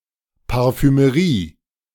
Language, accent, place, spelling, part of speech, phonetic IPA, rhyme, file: German, Germany, Berlin, Parfümerie, noun, [paʁfyməˈʁiː], -iː, De-Parfümerie.ogg
- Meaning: perfumery